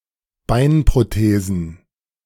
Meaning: plural of Beinprothese
- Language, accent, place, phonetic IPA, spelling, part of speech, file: German, Germany, Berlin, [ˈbaɪ̯npʁoˌteːzn̩], Beinprothesen, noun, De-Beinprothesen.ogg